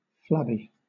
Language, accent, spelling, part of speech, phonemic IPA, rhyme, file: English, Southern England, flabby, adjective, /ˈflæb.i/, -æbi, LL-Q1860 (eng)-flabby.wav
- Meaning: 1. Yielding to the touch, and easily moved or shaken; hanging loose by its own weight; lacking firmness; flaccid 2. Having a slight lack of acidity; having mild sweetness 3. overwrought